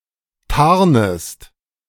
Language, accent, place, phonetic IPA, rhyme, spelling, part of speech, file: German, Germany, Berlin, [ˈtaʁnəst], -aʁnəst, tarnest, verb, De-tarnest.ogg
- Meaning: second-person singular subjunctive I of tarnen